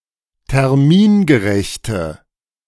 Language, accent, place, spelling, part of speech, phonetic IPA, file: German, Germany, Berlin, termingerechte, adjective, [tɛʁˈmiːnɡəˌʁɛçtə], De-termingerechte.ogg
- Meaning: inflection of termingerecht: 1. strong/mixed nominative/accusative feminine singular 2. strong nominative/accusative plural 3. weak nominative all-gender singular